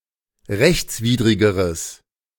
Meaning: strong/mixed nominative/accusative neuter singular comparative degree of rechtswidrig
- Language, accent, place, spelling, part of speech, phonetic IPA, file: German, Germany, Berlin, rechtswidrigeres, adjective, [ˈʁɛçt͡sˌviːdʁɪɡəʁəs], De-rechtswidrigeres.ogg